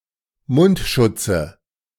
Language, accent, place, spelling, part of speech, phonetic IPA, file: German, Germany, Berlin, Mundschutze, noun, [ˈmʊntˌʃʊt͡sə], De-Mundschutze.ogg
- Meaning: nominative/accusative/genitive plural of Mundschutz